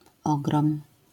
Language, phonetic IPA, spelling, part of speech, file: Polish, [ˈɔɡrɔ̃m], ogrom, noun, LL-Q809 (pol)-ogrom.wav